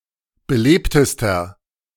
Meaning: inflection of belebt: 1. strong/mixed nominative masculine singular superlative degree 2. strong genitive/dative feminine singular superlative degree 3. strong genitive plural superlative degree
- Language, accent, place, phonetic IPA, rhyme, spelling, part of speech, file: German, Germany, Berlin, [bəˈleːptəstɐ], -eːptəstɐ, belebtester, adjective, De-belebtester.ogg